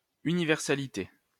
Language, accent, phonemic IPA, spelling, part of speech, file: French, France, /y.ni.vɛʁ.sa.li.te/, universalité, noun, LL-Q150 (fra)-universalité.wav
- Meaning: universality